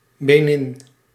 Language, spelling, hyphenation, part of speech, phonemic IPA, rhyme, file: Dutch, Benin, Be‧nin, proper noun, /beːˈnin/, -in, Nl-Benin.ogg
- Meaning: Benin (a country in West Africa, formerly Dahomey)